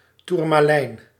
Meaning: 1. the silicate mineral tourmaline, in various colours 2. a transparent gem cut from it
- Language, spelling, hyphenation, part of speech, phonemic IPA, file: Dutch, toermalijn, toer‧ma‧lijn, noun, /ˌturmaˈlɛin/, Nl-toermalijn.ogg